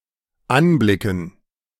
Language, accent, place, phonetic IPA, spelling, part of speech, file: German, Germany, Berlin, [ˈanˌblɪkn̩], Anblicken, noun, De-Anblicken.ogg
- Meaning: 1. gerund of anblicken 2. dative plural of Anblick